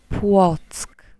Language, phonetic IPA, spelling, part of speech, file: Polish, [pwɔt͡sk], Płock, proper noun, Pl-Płock.ogg